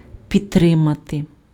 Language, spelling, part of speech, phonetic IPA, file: Ukrainian, підтримати, verb, [pʲidˈtrɪmɐte], Uk-підтримати.ogg
- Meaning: 1. to support, to back 2. to sustain, to maintain, to keep up 3. to support, to hold up, to prop up, to underpin